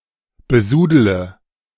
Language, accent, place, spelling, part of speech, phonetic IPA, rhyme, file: German, Germany, Berlin, besudele, verb, [bəˈzuːdələ], -uːdələ, De-besudele.ogg
- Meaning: inflection of besudeln: 1. first-person singular present 2. first/third-person singular subjunctive I 3. singular imperative